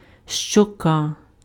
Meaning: cheek
- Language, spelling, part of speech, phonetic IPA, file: Ukrainian, щока, noun, [ʃt͡ʃɔˈka], Uk-щока.ogg